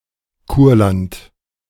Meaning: Courland
- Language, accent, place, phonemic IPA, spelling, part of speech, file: German, Germany, Berlin, /ˈkuːɐ̯lant/, Kurland, proper noun, De-Kurland.ogg